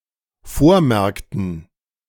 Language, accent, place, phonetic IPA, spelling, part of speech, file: German, Germany, Berlin, [ˈfoːɐ̯ˌmɛʁktn̩], vormerkten, verb, De-vormerkten.ogg
- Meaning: inflection of vormerken: 1. first/third-person plural dependent preterite 2. first/third-person plural dependent subjunctive II